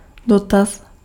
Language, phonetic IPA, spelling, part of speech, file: Czech, [ˈdotas], dotaz, noun, Cs-dotaz.ogg
- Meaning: 1. inquiry, enquiry (request for information) 2. query (databases)